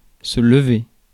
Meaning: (verb) 1. to raise, lift 2. to rise, stand up 3. to rise, come up 4. to get up (out of bed) 5. to clear, lift; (noun) the act of getting up in the morning
- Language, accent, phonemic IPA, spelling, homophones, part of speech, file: French, France, /lə.ve/, lever, levai / levé / levée / levées / levés / levez, verb / noun, Fr-lever.ogg